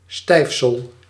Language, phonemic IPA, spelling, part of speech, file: Dutch, /ˈstɛifsəl/, stijfsel, noun, Nl-stijfsel.ogg
- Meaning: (noun) 1. the laundry stiffener starch 2. any stiffening additive, especially for putting up wallpaper; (verb) inflection of stijfselen: first-person singular present indicative